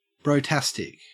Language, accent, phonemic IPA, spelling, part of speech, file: English, Australia, /bɹəʊˈtæstɪk/, brotastic, adjective, En-au-brotastic.ogg
- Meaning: Extremely characteristic of the culture of bros